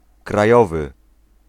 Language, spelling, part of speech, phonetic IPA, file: Polish, krajowy, adjective, [kraˈjɔvɨ], Pl-krajowy.ogg